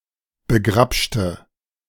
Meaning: inflection of begrapschen: 1. first/third-person singular preterite 2. first/third-person singular subjunctive II
- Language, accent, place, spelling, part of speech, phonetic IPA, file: German, Germany, Berlin, begrapschte, adjective / verb, [bəˈɡʁapʃtə], De-begrapschte.ogg